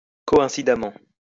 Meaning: coincidently
- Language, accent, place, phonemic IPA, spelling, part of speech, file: French, France, Lyon, /kɔ.ɛ̃.si.da.mɑ̃/, coïncidemment, adverb, LL-Q150 (fra)-coïncidemment.wav